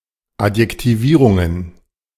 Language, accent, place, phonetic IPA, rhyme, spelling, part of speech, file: German, Germany, Berlin, [atjɛktiˈviːʁʊŋən], -iːʁʊŋən, Adjektivierungen, noun, De-Adjektivierungen.ogg
- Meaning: plural of Adjektivierung